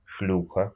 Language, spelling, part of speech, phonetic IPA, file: Russian, шлюха, noun, [ˈʂlʲuxə], Ru-шлю́ха.ogg
- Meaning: slut, whore, trollop, strumpet, streetwalker